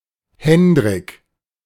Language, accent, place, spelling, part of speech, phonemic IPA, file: German, Germany, Berlin, Hendrik, proper noun, /ˈhɛn.drɪk/, De-Hendrik.ogg
- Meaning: a male given name from Dutch